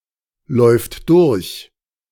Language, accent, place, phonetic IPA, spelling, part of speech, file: German, Germany, Berlin, [ˌlɔɪ̯ft ˈdʊʁç], läuft durch, verb, De-läuft durch.ogg
- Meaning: third-person singular present of durchlaufen